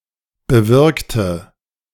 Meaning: inflection of bewirkt: 1. strong/mixed nominative/accusative feminine singular 2. strong nominative/accusative plural 3. weak nominative all-gender singular 4. weak accusative feminine/neuter singular
- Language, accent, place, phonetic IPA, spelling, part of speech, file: German, Germany, Berlin, [bəˈvɪʁktə], bewirkte, adjective / verb, De-bewirkte.ogg